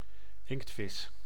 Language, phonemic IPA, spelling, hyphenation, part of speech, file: Dutch, /ˈɪŋktfɪs/, inktvis, inkt‧vis, noun, Nl-inktvis.ogg
- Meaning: squid (marine mollusc of the superorder Decabrachia or Decapodiformes or more generally (including octopuses) of the class Cephalopoda)